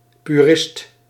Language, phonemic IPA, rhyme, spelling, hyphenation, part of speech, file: Dutch, /pyˈrɪst/, -ɪst, purist, pu‧rist, noun, Nl-purist.ogg
- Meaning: purist